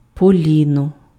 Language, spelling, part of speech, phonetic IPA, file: Ukrainian, поліно, noun, [poˈlʲinɔ], Uk-поліно.ogg
- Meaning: billet, log, chock (of wood), wood block (for use as firewood)